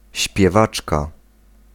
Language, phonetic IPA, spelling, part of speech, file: Polish, [ɕpʲjɛˈvat͡ʃka], śpiewaczka, noun, Pl-śpiewaczka.ogg